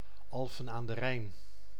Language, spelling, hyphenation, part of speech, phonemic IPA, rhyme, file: Dutch, Alphen aan den Rijn, Al‧phen aan den Rijn, proper noun, /ˌɑl.fə(n)aːn də(n)ˈrɛi̯n/, -ɛi̯n, Nl-Alphen aan den Rijn.ogg
- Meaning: Alphen aan den Rijn (a city and municipality of South Holland, Netherlands) without city rights